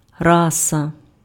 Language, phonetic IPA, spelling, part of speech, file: Ukrainian, [ˈrasɐ], раса, noun, Uk-раса.ogg
- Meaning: 1. race (group of people) 2. mammalian genus of civet